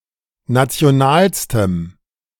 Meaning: strong dative masculine/neuter singular superlative degree of national
- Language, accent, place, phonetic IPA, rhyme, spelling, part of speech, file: German, Germany, Berlin, [ˌnat͡si̯oˈnaːlstəm], -aːlstəm, nationalstem, adjective, De-nationalstem.ogg